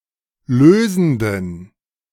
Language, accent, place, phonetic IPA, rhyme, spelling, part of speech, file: German, Germany, Berlin, [ˈløːzn̩dən], -øːzn̩dən, lösenden, adjective, De-lösenden.ogg
- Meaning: inflection of lösend: 1. strong genitive masculine/neuter singular 2. weak/mixed genitive/dative all-gender singular 3. strong/weak/mixed accusative masculine singular 4. strong dative plural